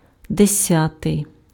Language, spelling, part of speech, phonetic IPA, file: Ukrainian, десятий, adjective, [deˈsʲatei̯], Uk-десятий.ogg
- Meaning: tenth